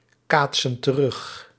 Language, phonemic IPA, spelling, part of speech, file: Dutch, /ˈkatsə(n) t(ə)ˈrʏx/, kaatsen terug, verb, Nl-kaatsen terug.ogg
- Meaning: inflection of terugkaatsen: 1. plural present indicative 2. plural present subjunctive